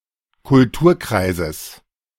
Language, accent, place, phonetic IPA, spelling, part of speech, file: German, Germany, Berlin, [kʊlˈtuːɐ̯ˌkʁaɪ̯zəs], Kulturkreises, noun, De-Kulturkreises.ogg
- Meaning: genitive singular of Kulturkreis